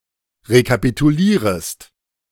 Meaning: second-person singular subjunctive I of rekapitulieren
- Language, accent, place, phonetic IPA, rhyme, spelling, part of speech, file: German, Germany, Berlin, [ʁekapituˈliːʁəst], -iːʁəst, rekapitulierest, verb, De-rekapitulierest.ogg